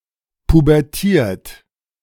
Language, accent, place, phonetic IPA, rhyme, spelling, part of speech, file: German, Germany, Berlin, [pubɛʁˈtiːɐ̯t], -iːɐ̯t, pubertiert, verb, De-pubertiert.ogg
- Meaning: 1. past participle of pubertieren 2. inflection of pubertieren: second-person plural present 3. inflection of pubertieren: third-person singular present 4. inflection of pubertieren: plural imperative